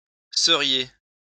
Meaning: second-person plural conditional of être
- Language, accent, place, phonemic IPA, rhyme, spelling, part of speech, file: French, France, Lyon, /sə.ʁje/, -e, seriez, verb, LL-Q150 (fra)-seriez.wav